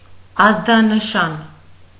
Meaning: alarm, distress signal, distress call
- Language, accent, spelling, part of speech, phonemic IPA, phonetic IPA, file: Armenian, Eastern Armenian, ազդանշան, noun, /ɑzdɑnəˈʃɑn/, [ɑzdɑnəʃɑ́n], Hy-ազդանշան.ogg